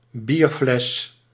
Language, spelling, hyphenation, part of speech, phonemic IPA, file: Dutch, bierfles, bier‧fles, noun, /ˈbirflɛs/, Nl-bierfles.ogg
- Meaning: beer bottle